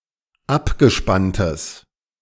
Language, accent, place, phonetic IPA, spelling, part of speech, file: German, Germany, Berlin, [ˈapɡəˌʃpantəs], abgespanntes, adjective, De-abgespanntes.ogg
- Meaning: strong/mixed nominative/accusative neuter singular of abgespannt